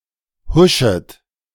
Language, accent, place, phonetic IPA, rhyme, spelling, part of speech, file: German, Germany, Berlin, [ˈhʊʃət], -ʊʃət, huschet, verb, De-huschet.ogg
- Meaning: second-person plural subjunctive I of huschen